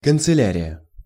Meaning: 1. office 2. chancellery 3. office supplies
- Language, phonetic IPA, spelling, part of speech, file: Russian, [kənt͡sɨˈlʲærʲɪjə], канцелярия, noun, Ru-канцелярия.ogg